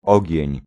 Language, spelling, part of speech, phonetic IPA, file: Polish, ogień, noun, [ˈɔɟɛ̇̃ɲ], Pl-ogień.ogg